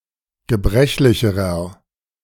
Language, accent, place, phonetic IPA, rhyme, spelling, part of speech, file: German, Germany, Berlin, [ɡəˈbʁɛçlɪçəʁɐ], -ɛçlɪçəʁɐ, gebrechlicherer, adjective, De-gebrechlicherer.ogg
- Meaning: inflection of gebrechlich: 1. strong/mixed nominative masculine singular comparative degree 2. strong genitive/dative feminine singular comparative degree 3. strong genitive plural comparative degree